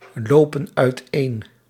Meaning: inflection of uiteenlopen: 1. plural present indicative 2. plural present subjunctive
- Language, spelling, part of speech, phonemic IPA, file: Dutch, lopen uiteen, verb, /ˈlopə(n) œytˈen/, Nl-lopen uiteen.ogg